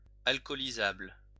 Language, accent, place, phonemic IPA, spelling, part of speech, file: French, France, Lyon, /al.kɔ.li.zabl/, alcoolisable, adjective, LL-Q150 (fra)-alcoolisable.wav
- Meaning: alcoholizable